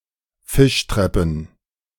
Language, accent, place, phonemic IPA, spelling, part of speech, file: German, Germany, Berlin, /ˈfɪʃtʁɛpən/, Fischtreppen, noun, De-Fischtreppen.ogg
- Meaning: plural of Fischtreppe